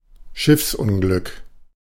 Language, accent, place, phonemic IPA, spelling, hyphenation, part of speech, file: German, Germany, Berlin, /ˈʃɪfsˌʔʊnɡlʏk/, Schiffsunglück, Schiffs‧un‧glück, noun, De-Schiffsunglück.ogg
- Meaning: shipwreck, shipping accident, ship collision, boating accident